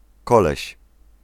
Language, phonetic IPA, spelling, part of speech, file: Polish, [ˈkɔlɛɕ], koleś, noun, Pl-koleś.ogg